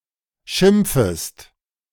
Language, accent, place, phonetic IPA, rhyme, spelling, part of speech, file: German, Germany, Berlin, [ˈʃɪmp͡fəst], -ɪmp͡fəst, schimpfest, verb, De-schimpfest.ogg
- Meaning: second-person singular subjunctive I of schimpfen